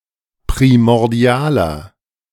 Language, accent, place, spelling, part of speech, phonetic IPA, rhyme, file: German, Germany, Berlin, primordialer, adjective, [pʁimɔʁˈdi̯aːlɐ], -aːlɐ, De-primordialer.ogg
- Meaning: inflection of primordial: 1. strong/mixed nominative masculine singular 2. strong genitive/dative feminine singular 3. strong genitive plural